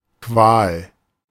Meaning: agony, anguish, torment, torture (that one suffers)
- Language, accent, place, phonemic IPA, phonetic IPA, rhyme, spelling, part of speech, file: German, Germany, Berlin, /kvaːl/, [kʰʋäːl], -aːl, Qual, noun, De-Qual.ogg